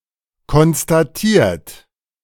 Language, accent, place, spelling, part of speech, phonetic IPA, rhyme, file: German, Germany, Berlin, konstatiert, verb, [kɔnstaˈtiːɐ̯t], -iːɐ̯t, De-konstatiert.ogg
- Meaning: 1. past participle of konstatieren 2. inflection of konstatieren: third-person singular present 3. inflection of konstatieren: second-person plural present